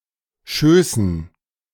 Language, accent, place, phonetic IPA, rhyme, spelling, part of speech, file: German, Germany, Berlin, [ˈʃøːsn̩], -øːsn̩, Schößen, noun, De-Schößen.ogg
- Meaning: dative plural of Schoß